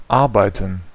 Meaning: 1. to work (to do a specific task by employing physical or mental powers) 2. to work, function, run, operate (to be operative, in action) 3. to ferment (to react, using fermentation)
- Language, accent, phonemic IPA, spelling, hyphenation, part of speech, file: German, Germany, /ˈaʁbaɪ̯tən/, arbeiten, ar‧bei‧ten, verb, De-arbeiten.ogg